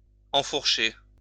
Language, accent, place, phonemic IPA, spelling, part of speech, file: French, France, Lyon, /ɑ̃.fuʁ.ʃe/, enfourcher, verb, LL-Q150 (fra)-enfourcher.wav
- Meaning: to get on, mount